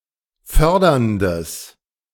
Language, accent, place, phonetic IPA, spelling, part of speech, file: German, Germany, Berlin, [ˈfœʁdɐndəs], förderndes, adjective, De-förderndes.ogg
- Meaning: strong/mixed nominative/accusative neuter singular of fördernd